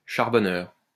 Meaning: drug dealer
- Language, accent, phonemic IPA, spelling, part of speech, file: French, France, /ʃaʁ.bɔ.nœʁ/, charbonneur, noun, LL-Q150 (fra)-charbonneur.wav